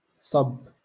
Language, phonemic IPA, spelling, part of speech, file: Moroccan Arabic, /sˤabː/, صب, verb, LL-Q56426 (ary)-صب.wav
- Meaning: 1. to pour out 2. to rain